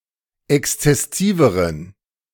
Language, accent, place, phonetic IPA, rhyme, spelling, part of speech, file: German, Germany, Berlin, [ˌɛkst͡sɛˈsiːvəʁən], -iːvəʁən, exzessiveren, adjective, De-exzessiveren.ogg
- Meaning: inflection of exzessiv: 1. strong genitive masculine/neuter singular comparative degree 2. weak/mixed genitive/dative all-gender singular comparative degree